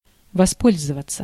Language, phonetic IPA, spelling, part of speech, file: Russian, [vɐˈspolʲzəvət͡sə], воспользоваться, verb, Ru-воспользоваться.ogg
- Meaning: 1. to use, to utilize 2. to enjoy